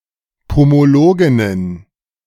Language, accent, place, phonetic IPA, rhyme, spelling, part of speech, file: German, Germany, Berlin, [pomoˈloːɡɪnən], -oːɡɪnən, Pomologinnen, noun, De-Pomologinnen.ogg
- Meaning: plural of Pomologin